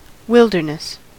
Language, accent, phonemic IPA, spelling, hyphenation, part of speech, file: English, General American, /ˈwɪldɚnəs/, wilderness, wild‧er‧ness, noun, En-us-wilderness.ogg
- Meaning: Uncultivated and unsettled land in its natural state inhabited by wild animals and with vegetation growing wild; (countable) a tract of such land; a waste or wild